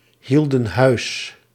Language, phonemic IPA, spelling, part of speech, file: Dutch, /ˈhildə(n) ˈhœys/, hielden huis, verb, Nl-hielden huis.ogg
- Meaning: inflection of huishouden: 1. plural past indicative 2. plural past subjunctive